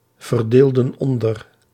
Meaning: inflection of onderverdelen: 1. plural past indicative 2. plural past subjunctive
- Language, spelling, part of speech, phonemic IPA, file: Dutch, verdeelden onder, verb, /vərˈdeldə(n) ˈɔndər/, Nl-verdeelden onder.ogg